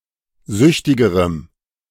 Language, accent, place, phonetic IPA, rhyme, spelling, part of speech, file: German, Germany, Berlin, [ˈzʏçtɪɡəʁəm], -ʏçtɪɡəʁəm, süchtigerem, adjective, De-süchtigerem.ogg
- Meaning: strong dative masculine/neuter singular comparative degree of süchtig